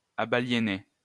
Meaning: third-person singular imperfect indicative of abaliéner
- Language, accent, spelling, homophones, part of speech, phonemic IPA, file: French, France, abaliénait, abaliénaient / abaliénais, verb, /a.ba.lje.nɛ/, LL-Q150 (fra)-abaliénait.wav